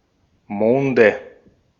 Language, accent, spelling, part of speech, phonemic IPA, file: German, Austria, Monde, noun, /ˈmoːndə/, De-at-Monde.ogg
- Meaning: nominative/accusative/genitive plural of Mond